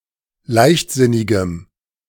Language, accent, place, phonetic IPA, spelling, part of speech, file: German, Germany, Berlin, [ˈlaɪ̯çtˌzɪnɪɡəm], leichtsinnigem, adjective, De-leichtsinnigem.ogg
- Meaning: strong dative masculine/neuter singular of leichtsinnig